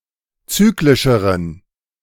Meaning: inflection of zyklisch: 1. strong genitive masculine/neuter singular comparative degree 2. weak/mixed genitive/dative all-gender singular comparative degree
- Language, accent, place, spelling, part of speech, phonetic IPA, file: German, Germany, Berlin, zyklischeren, adjective, [ˈt͡syːklɪʃəʁən], De-zyklischeren.ogg